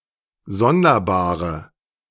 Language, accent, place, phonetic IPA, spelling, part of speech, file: German, Germany, Berlin, [ˈzɔndɐˌbaːʁə], sonderbare, adjective, De-sonderbare.ogg
- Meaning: inflection of sonderbar: 1. strong/mixed nominative/accusative feminine singular 2. strong nominative/accusative plural 3. weak nominative all-gender singular